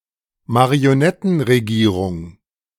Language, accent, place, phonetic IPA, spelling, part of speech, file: German, Germany, Berlin, [maʁioˈnɛtn̩ʁeˌɡiːʁʊŋ], Marionettenregierung, noun, De-Marionettenregierung.ogg
- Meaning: puppet government